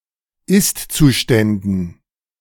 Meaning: dative plural of Istzustand
- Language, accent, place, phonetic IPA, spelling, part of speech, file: German, Germany, Berlin, [ˈɪstt͡suˌʃtɛndn̩], Istzuständen, noun, De-Istzuständen.ogg